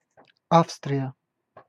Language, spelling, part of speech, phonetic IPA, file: Russian, Австрия, proper noun, [ˈafstrʲɪjə], Ru-Австрия.ogg
- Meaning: Austria (a country in Central Europe)